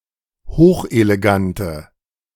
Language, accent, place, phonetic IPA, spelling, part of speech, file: German, Germany, Berlin, [ˈhoːxʔeleˌɡantə], hochelegante, adjective, De-hochelegante.ogg
- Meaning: inflection of hochelegant: 1. strong/mixed nominative/accusative feminine singular 2. strong nominative/accusative plural 3. weak nominative all-gender singular